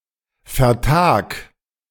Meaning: 1. singular imperative of vertagen 2. first-person singular present of vertagen
- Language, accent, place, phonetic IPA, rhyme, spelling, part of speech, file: German, Germany, Berlin, [fɛɐ̯ˈtaːk], -aːk, vertag, verb, De-vertag.ogg